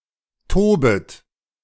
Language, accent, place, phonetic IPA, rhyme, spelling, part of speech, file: German, Germany, Berlin, [ˈtoːbət], -oːbət, tobet, verb, De-tobet.ogg
- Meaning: second-person plural subjunctive I of toben